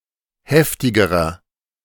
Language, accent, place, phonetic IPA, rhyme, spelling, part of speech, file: German, Germany, Berlin, [ˈhɛftɪɡəʁɐ], -ɛftɪɡəʁɐ, heftigerer, adjective, De-heftigerer.ogg
- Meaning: inflection of heftig: 1. strong/mixed nominative masculine singular comparative degree 2. strong genitive/dative feminine singular comparative degree 3. strong genitive plural comparative degree